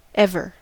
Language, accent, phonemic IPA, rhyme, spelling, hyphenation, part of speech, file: English, US, /ˈɛvə(ɹ)/, -ɛvə(ɹ), ever, ev‧er, adverb / adjective / determiner, En-us-ever.ogg
- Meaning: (adverb) 1. Always, frequently, forever 2. Continuously, constantly, all the time (for the complete duration) 3. At any time 4. As intensifier following an interrogative word